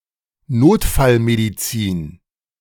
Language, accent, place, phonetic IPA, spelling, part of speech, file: German, Germany, Berlin, [ˈnoːtfalmediˌt͡siːn], Notfallmedizin, noun, De-Notfallmedizin.ogg
- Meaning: emergency medicine (study or profession)